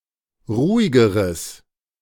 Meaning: strong/mixed nominative/accusative neuter singular comparative degree of ruhig
- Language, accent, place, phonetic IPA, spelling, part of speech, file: German, Germany, Berlin, [ˈʁuːɪɡəʁəs], ruhigeres, adjective, De-ruhigeres.ogg